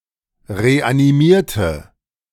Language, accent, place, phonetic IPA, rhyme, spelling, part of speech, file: German, Germany, Berlin, [ʁeʔaniˈmiːɐ̯tə], -iːɐ̯tə, reanimierte, adjective / verb, De-reanimierte.ogg
- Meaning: inflection of reanimieren: 1. first/third-person singular preterite 2. first/third-person singular subjunctive II